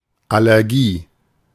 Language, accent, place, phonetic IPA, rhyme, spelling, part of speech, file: German, Germany, Berlin, [ˌalɛʁˈɡiː], -iː, Allergie, noun, De-Allergie.ogg
- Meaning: allergy